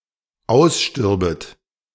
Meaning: second-person plural dependent subjunctive II of aussterben
- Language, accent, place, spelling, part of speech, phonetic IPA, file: German, Germany, Berlin, ausstürbet, verb, [ˈaʊ̯sˌʃtʏʁbət], De-ausstürbet.ogg